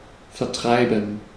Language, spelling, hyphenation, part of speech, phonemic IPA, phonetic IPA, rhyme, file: German, vertreiben, ver‧trei‧ben, verb, /fɛʁˈtʁaɪ̯bən/, [fɛʁˈtʁaɪ̯bm̩], -aɪ̯bən, De-vertreiben.ogg
- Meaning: 1. to force to leave, to drive away 2. to pass (time) 3. to put on the market, to sell (especially in large quantities) 4. to put colors softly together